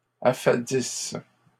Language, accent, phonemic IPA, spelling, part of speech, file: French, Canada, /a.fa.dis/, affadisses, verb, LL-Q150 (fra)-affadisses.wav
- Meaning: second-person singular present/imperfect subjunctive of affadir